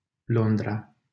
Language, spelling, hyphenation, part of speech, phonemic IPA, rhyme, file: Romanian, Londra, Lon‧dra, proper noun, /ˈlon.dra/, -ondra, LL-Q7913 (ron)-Londra.wav
- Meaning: London (the capital city of the United Kingdom; the capital city of England)